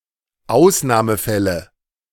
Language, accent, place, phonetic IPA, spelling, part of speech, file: German, Germany, Berlin, [ˈaʊ̯snaːməˌfɛlə], Ausnahmefälle, noun, De-Ausnahmefälle.ogg
- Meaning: nominative/accusative/genitive plural of Ausnahmefall